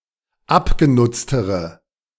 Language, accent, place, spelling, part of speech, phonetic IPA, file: German, Germany, Berlin, abgenutztere, adjective, [ˈapɡeˌnʊt͡stəʁə], De-abgenutztere.ogg
- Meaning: inflection of abgenutzt: 1. strong/mixed nominative/accusative feminine singular comparative degree 2. strong nominative/accusative plural comparative degree